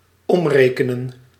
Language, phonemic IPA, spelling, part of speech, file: Dutch, /ˈɔmrekənə(n)/, omrekenen, verb, Nl-omrekenen.ogg
- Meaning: to convert (sense 6: to express a unit of measure in terms of another)